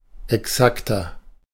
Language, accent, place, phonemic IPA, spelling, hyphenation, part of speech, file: German, Germany, Berlin, /ɛˈksaktɐ/, exakter, ex‧ak‧ter, adjective, De-exakter.ogg
- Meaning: 1. comparative degree of exakt 2. inflection of exakt: strong/mixed nominative masculine singular 3. inflection of exakt: strong genitive/dative feminine singular